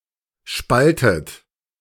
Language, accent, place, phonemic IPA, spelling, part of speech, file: German, Germany, Berlin, /ˈʃpaltət/, spaltet, verb, De-spaltet.ogg
- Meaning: inflection of spalten: 1. third-person singular present 2. second-person plural present 3. second-person plural subjunctive I 4. plural imperative